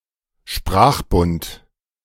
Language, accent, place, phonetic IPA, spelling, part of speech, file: German, Germany, Berlin, [ˈʃpʁaːχˌbʊnt], Sprachbund, noun, De-Sprachbund.ogg
- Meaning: sprachbund